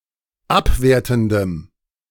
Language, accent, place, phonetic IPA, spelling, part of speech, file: German, Germany, Berlin, [ˈapˌveːɐ̯tn̩dəm], abwertendem, adjective, De-abwertendem.ogg
- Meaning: strong dative masculine/neuter singular of abwertend